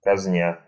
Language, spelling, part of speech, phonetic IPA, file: Russian, казня, verb, [kɐzʲˈnʲa], Ru-казня́.ogg
- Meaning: present adverbial imperfective participle of казни́ть (kaznítʹ)